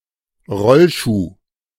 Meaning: roller skate
- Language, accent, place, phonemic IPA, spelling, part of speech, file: German, Germany, Berlin, /ˈʁɔlˌʃuː/, Rollschuh, noun, De-Rollschuh.ogg